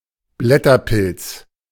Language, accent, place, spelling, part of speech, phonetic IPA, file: German, Germany, Berlin, Blätterpilz, noun, [ˈblɛtɐˌpɪlt͡s], De-Blätterpilz.ogg
- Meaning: agaric